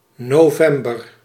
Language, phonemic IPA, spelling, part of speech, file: Dutch, /noˈvɛmbər/, november, noun, Nl-november.ogg
- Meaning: November (the eleventh month of the Gregorian calendar, following October and preceding December)